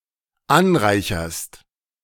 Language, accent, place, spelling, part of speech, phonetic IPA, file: German, Germany, Berlin, anreicherst, verb, [ˈanˌʁaɪ̯çɐst], De-anreicherst.ogg
- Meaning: second-person singular dependent present of anreichern